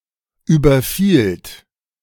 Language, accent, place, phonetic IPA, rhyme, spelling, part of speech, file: German, Germany, Berlin, [ˌyːbɐˈfiːlt], -iːlt, überfielt, verb, De-überfielt.ogg
- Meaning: second-person plural preterite of überfallen